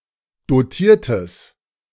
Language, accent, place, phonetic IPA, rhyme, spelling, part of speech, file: German, Germany, Berlin, [doˈtiːɐ̯təs], -iːɐ̯təs, dotiertes, adjective, De-dotiertes.ogg
- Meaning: strong/mixed nominative/accusative neuter singular of dotiert